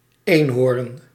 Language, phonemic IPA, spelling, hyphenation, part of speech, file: Dutch, /ˈeːn.ɦoːr(ə)n/, eenhoorn, een‧hoorn, noun, Nl-eenhoorn.ogg
- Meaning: unicorn